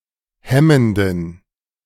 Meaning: inflection of hemmend: 1. strong genitive masculine/neuter singular 2. weak/mixed genitive/dative all-gender singular 3. strong/weak/mixed accusative masculine singular 4. strong dative plural
- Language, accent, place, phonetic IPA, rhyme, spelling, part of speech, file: German, Germany, Berlin, [ˈhɛməndn̩], -ɛməndn̩, hemmenden, adjective, De-hemmenden.ogg